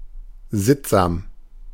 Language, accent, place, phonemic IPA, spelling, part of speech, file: German, Germany, Berlin, /ˈzɪtzaːm/, sittsam, adjective, De-sittsam.ogg
- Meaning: 1. demure, decent 2. prudish